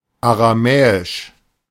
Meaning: Aramaic (pertaining to the Aramaic language, alphabet or culture)
- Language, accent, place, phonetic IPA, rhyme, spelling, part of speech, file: German, Germany, Berlin, [aʁaˈmɛːɪʃ], -ɛːɪʃ, aramäisch, adjective, De-aramäisch.ogg